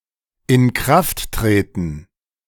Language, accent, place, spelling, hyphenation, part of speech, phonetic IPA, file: German, Germany, Berlin, Inkrafttreten, In‧kraft‧tre‧ten, noun, [ɪnˈkʁaftˌtʁeːtn̩], De-Inkrafttreten.ogg
- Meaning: coming into effect, coming into force